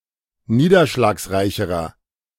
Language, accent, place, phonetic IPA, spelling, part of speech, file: German, Germany, Berlin, [ˈniːdɐʃlaːksˌʁaɪ̯çəʁɐ], niederschlagsreicherer, adjective, De-niederschlagsreicherer.ogg
- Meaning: inflection of niederschlagsreich: 1. strong/mixed nominative masculine singular comparative degree 2. strong genitive/dative feminine singular comparative degree